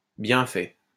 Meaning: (adjective) 1. Used other than figuratively or idiomatically: see bien, fait 2. good-looking, attractive 3. good; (interjection) An exclamation that a bad thing happened to someone who deserved it
- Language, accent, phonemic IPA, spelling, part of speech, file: French, France, /bjɛ̃ fɛ/, bien fait, adjective / interjection, LL-Q150 (fra)-bien fait.wav